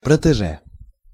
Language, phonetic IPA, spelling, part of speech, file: Russian, [prətɨˈʐɛ], протеже, noun, Ru-протеже.ogg
- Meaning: protégé